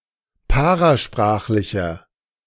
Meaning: inflection of parasprachlich: 1. strong/mixed nominative masculine singular 2. strong genitive/dative feminine singular 3. strong genitive plural
- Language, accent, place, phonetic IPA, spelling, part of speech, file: German, Germany, Berlin, [ˈpaʁaˌʃpʁaːxlɪçɐ], parasprachlicher, adjective, De-parasprachlicher.ogg